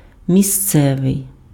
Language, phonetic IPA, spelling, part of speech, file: Ukrainian, [mʲiˈst͡sɛʋei̯], місцевий, adjective, Uk-місцевий.ogg
- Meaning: 1. local 2. locative